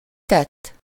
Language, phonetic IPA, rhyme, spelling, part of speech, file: Hungarian, [ˈtɛtː], -ɛtː, tett, verb / noun, Hu-tett.ogg
- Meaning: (verb) 1. third-person singular indicative past indefinite of tesz 2. past participle of tesz; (noun) action, act, deed